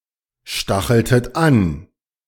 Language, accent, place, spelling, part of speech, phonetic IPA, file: German, Germany, Berlin, stacheltet an, verb, [ˌʃtaxl̩tət ˈan], De-stacheltet an.ogg
- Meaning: inflection of anstacheln: 1. second-person plural preterite 2. second-person plural subjunctive II